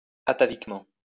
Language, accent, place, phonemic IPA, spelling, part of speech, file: French, France, Lyon, /a.ta.vik.mɑ̃/, ataviquement, adverb, LL-Q150 (fra)-ataviquement.wav
- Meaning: atavistically